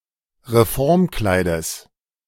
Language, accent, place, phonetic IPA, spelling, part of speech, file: German, Germany, Berlin, [ʁeˈfɔʁmˌklaɪ̯dəs], Reformkleides, noun, De-Reformkleides.ogg
- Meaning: genitive singular of Reformkleid